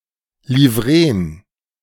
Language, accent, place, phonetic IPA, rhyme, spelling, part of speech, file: German, Germany, Berlin, [liˈvʁeːən], -eːən, Livreen, noun, De-Livreen.ogg
- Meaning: plural of Livree